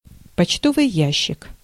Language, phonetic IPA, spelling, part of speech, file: Russian, [pɐt͡ɕˈtovɨj ˈjæɕːɪk], почтовый ящик, noun, Ru-почтовый ящик.ogg
- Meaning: 1. mailbox, letterbox (box into which mail is put) 2. secret facility, military base